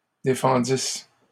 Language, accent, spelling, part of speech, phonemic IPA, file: French, Canada, défendissent, verb, /de.fɑ̃.dis/, LL-Q150 (fra)-défendissent.wav
- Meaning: third-person plural imperfect subjunctive of défendre